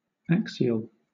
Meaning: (adjective) 1. Relating to, resembling, or situated on an axis 2. Belonging to the axis of the body, or to the axis of any appendage or organ 3. In the same direction as the axis, parallel to the axis
- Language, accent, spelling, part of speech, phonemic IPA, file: English, Southern England, axial, adjective / noun, /ˈæk.sɪ.əl/, LL-Q1860 (eng)-axial.wav